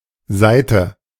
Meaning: 1. string (of a musical stringed instrument) 2. string (of a racquet)
- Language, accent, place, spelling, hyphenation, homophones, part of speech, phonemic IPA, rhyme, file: German, Germany, Berlin, Saite, Sai‧te, Seite, noun, /ˈzaɪ̯tə/, -aɪ̯tə, De-Saite.ogg